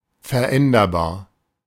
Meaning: mutable
- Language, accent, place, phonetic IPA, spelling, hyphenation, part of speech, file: German, Germany, Berlin, [fɛɐ̯ˈʔɛndɐbaːɐ̯], veränderbar, ver‧än‧der‧bar, adjective, De-veränderbar.ogg